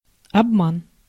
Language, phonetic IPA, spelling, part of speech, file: Russian, [ɐbˈman], обман, noun, Ru-обман.ogg
- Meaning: 1. deception 2. deceit, fraud 3. trick